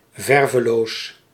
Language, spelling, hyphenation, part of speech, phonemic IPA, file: Dutch, verveloos, ver‧ve‧loos, adjective, /ˈvɛr.vəˌloːs/, Nl-verveloos.ogg
- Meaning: without paint (due to wear)